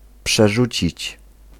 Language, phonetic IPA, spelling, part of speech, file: Polish, [pʃɛˈʒut͡ɕit͡ɕ], przerzucić, verb, Pl-przerzucić.ogg